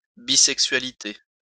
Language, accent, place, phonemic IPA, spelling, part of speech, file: French, France, Lyon, /bi.sɛk.sɥa.li.te/, bisexualité, noun, LL-Q150 (fra)-bisexualité.wav
- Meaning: bisexuality